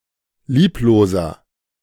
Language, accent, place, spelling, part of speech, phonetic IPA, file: German, Germany, Berlin, liebloser, adjective, [ˈliːploːzɐ], De-liebloser.ogg
- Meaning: 1. comparative degree of lieblos 2. inflection of lieblos: strong/mixed nominative masculine singular 3. inflection of lieblos: strong genitive/dative feminine singular